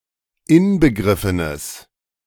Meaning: strong/mixed nominative/accusative neuter singular of inbegriffen
- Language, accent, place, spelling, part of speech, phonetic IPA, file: German, Germany, Berlin, inbegriffenes, adjective, [ˈɪnbəˌɡʁɪfənəs], De-inbegriffenes.ogg